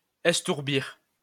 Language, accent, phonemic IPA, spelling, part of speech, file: French, France, /ɛs.tuʁ.biʁ/, estourbir, verb, LL-Q150 (fra)-estourbir.wav
- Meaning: to stun or knock out